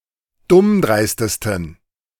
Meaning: 1. superlative degree of dummdreist 2. inflection of dummdreist: strong genitive masculine/neuter singular superlative degree
- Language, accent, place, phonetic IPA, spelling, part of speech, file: German, Germany, Berlin, [ˈdʊmˌdʁaɪ̯stəstn̩], dummdreistesten, adjective, De-dummdreistesten.ogg